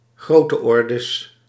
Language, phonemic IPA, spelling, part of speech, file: Dutch, /ˈɣrotəˌɔrdəs/, grootteordes, noun, Nl-grootteordes.ogg
- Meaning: plural of grootteorde